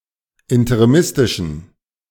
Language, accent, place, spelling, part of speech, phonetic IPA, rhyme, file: German, Germany, Berlin, interimistischen, adjective, [ɪntəʁiˈmɪstɪʃn̩], -ɪstɪʃn̩, De-interimistischen.ogg
- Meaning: inflection of interimistisch: 1. strong genitive masculine/neuter singular 2. weak/mixed genitive/dative all-gender singular 3. strong/weak/mixed accusative masculine singular 4. strong dative plural